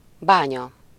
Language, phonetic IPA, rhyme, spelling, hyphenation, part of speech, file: Hungarian, [ˈbaːɲɒ], -ɲɒ, bánya, bá‧nya, noun, Hu-bánya.ogg
- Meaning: 1. mine (place from which ore is extracted) 2. healing spring or bath